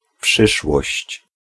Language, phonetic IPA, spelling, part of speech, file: Polish, [ˈpʃɨʃwɔɕt͡ɕ], przyszłość, noun, Pl-przyszłość.ogg